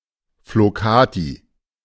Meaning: flokati (handwoven woolen rug)
- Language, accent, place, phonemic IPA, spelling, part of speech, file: German, Germany, Berlin, /floˈkaːti/, Flokati, noun, De-Flokati.ogg